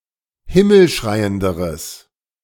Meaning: strong/mixed nominative/accusative neuter singular comparative degree of himmelschreiend
- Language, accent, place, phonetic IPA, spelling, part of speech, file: German, Germany, Berlin, [ˈhɪml̩ˌʃʁaɪ̯əndəʁəs], himmelschreienderes, adjective, De-himmelschreienderes.ogg